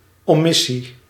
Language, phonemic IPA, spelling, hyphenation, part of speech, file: Dutch, /ˌoːˈmɪ.si/, omissie, omis‧sie, noun, Nl-omissie.ogg
- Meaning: 1. omission 2. negligence